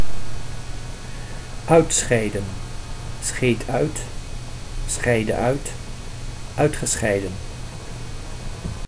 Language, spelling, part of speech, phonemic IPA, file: Dutch, uitscheiden, verb, /ˈœy̯tˌsxɛi̯də(n)/, Nl-uitscheiden.ogg
- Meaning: 1. to secrete 2. to cease, stop